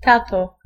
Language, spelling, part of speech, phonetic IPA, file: Polish, tato, noun, [ˈtatɔ], Pl-tato.ogg